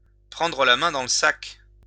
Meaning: to bust, to catch red-handed, to catch with one's hand in the cookie jar
- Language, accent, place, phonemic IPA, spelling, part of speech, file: French, France, Lyon, /pʁɑ̃.dʁə la mɛ̃ dɑ̃ l(ə) sak/, prendre la main dans le sac, verb, LL-Q150 (fra)-prendre la main dans le sac.wav